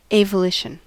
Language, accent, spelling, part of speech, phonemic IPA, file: English, US, avolition, noun, /ˌeɪvəˈlɪʃən/, En-us-avolition.ogg
- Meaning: Lack of initiative or goals; one of the negative symptoms of schizophrenia. The person may wish to do something, but the desire is without power or energy